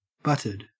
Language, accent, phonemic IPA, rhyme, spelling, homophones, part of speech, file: English, Australia, /ˈbʌtɪd/, -ʌtɪd, butted, budded, verb / adjective, En-au-butted.ogg
- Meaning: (verb) simple past and past participle of butt; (adjective) 1. Affixed with a butt joint 2. Having a butt or backside (of a specified kind)